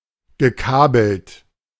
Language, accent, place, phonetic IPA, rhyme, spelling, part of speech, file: German, Germany, Berlin, [ɡəˈkaːbl̩t], -aːbl̩t, gekabelt, verb, De-gekabelt.ogg
- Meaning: past participle of kabeln